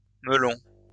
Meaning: plural of melon
- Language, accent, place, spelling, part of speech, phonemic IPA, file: French, France, Lyon, melons, noun, /mə.lɔ̃/, LL-Q150 (fra)-melons.wav